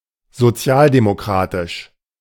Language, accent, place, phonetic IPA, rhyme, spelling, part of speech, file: German, Germany, Berlin, [zoˈt͡si̯aːldemoˌkʁaːtɪʃ], -aːldemokʁaːtɪʃ, sozialdemokratisch, adjective, De-sozialdemokratisch.ogg
- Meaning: social democratic